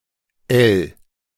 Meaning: 1. suffix in diminutives 2. suffix in nouns indicating appurtenance, i.e. accessories or things subordinate to a bigger entity 3. suffix in agent and instrumental nouns
- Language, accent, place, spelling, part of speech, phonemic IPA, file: German, Germany, Berlin, -el, suffix, /əl/, De--el.ogg